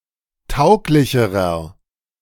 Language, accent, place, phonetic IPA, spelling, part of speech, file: German, Germany, Berlin, [ˈtaʊ̯klɪçəʁɐ], tauglicherer, adjective, De-tauglicherer.ogg
- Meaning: inflection of tauglich: 1. strong/mixed nominative masculine singular comparative degree 2. strong genitive/dative feminine singular comparative degree 3. strong genitive plural comparative degree